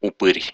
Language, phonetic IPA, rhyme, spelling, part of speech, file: Russian, [ʊˈpɨrʲ], -ɨrʲ, упырь, noun, Ru-упы́рь.ogg
- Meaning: 1. vampire 2. bloodsucker, ghoul, sadist (a cruel person) 3. asshole, leech (a mean and contemptible person, especially one who takes advantage of others)